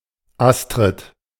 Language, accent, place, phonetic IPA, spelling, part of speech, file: German, Germany, Berlin, [ˈastʁɪt], Astrid, proper noun, De-Astrid.ogg
- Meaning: a female given name